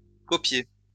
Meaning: past participle of copier
- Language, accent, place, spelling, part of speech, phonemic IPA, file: French, France, Lyon, copié, verb, /kɔ.pje/, LL-Q150 (fra)-copié.wav